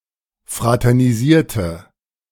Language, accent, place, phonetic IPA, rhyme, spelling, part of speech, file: German, Germany, Berlin, [ˌfʁatɛʁniˈziːɐ̯tə], -iːɐ̯tə, fraternisierte, adjective / verb, De-fraternisierte.ogg
- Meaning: inflection of fraternisieren: 1. first/third-person singular preterite 2. first/third-person singular subjunctive II